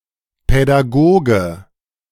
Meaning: pedagogue (teacher)
- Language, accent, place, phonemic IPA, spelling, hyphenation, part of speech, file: German, Germany, Berlin, /pɛdaˈɡoːɡə/, Pädagoge, Pä‧d‧a‧go‧ge, noun, De-Pädagoge.ogg